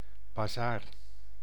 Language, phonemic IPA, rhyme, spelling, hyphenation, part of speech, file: Dutch, /baːˈzaːr/, -aːr, bazaar, ba‧zaar, noun, Nl-bazaar.ogg
- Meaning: 1. bazaar, a marketplace 2. fair